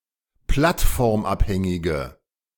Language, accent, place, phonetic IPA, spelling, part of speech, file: German, Germany, Berlin, [ˈplatfɔʁmˌʔaphɛŋɪɡə], plattformabhängige, adjective, De-plattformabhängige.ogg
- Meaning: inflection of plattformabhängig: 1. strong/mixed nominative/accusative feminine singular 2. strong nominative/accusative plural 3. weak nominative all-gender singular